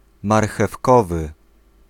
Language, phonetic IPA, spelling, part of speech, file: Polish, [ˌmarxɛfˈkɔvɨ], marchewkowy, adjective, Pl-marchewkowy.ogg